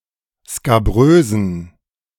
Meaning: inflection of skabrös: 1. strong genitive masculine/neuter singular 2. weak/mixed genitive/dative all-gender singular 3. strong/weak/mixed accusative masculine singular 4. strong dative plural
- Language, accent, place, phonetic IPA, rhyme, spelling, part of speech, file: German, Germany, Berlin, [skaˈbʁøːzn̩], -øːzn̩, skabrösen, adjective, De-skabrösen.ogg